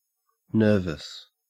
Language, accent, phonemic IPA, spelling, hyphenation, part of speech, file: English, Australia, /ˈnɜːvəs/, nervous, nerv‧ous, adjective, En-au-nervous.ogg
- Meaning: Of sinews and tendons.: 1. Full of sinews 2. Having strong or prominent sinews; sinewy, muscular 3. Of a piece of writing, literary style etc.: forceful, powerful